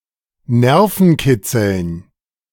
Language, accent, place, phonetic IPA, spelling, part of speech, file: German, Germany, Berlin, [ˈnɛʁfn̩ˌkɪt͡sl̩n], Nervenkitzeln, noun, De-Nervenkitzeln.ogg
- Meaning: dative plural of Nervenkitzel